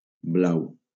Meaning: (adjective) blue (color/colour); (noun) 1. blue 2. bruise
- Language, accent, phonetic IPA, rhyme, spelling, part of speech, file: Catalan, Valencia, [ˈblaw], -aw, blau, adjective / noun, LL-Q7026 (cat)-blau.wav